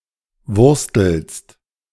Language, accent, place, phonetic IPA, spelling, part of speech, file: German, Germany, Berlin, [ˈvʊʁstl̩st], wurstelst, verb, De-wurstelst.ogg
- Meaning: second-person singular present of wursteln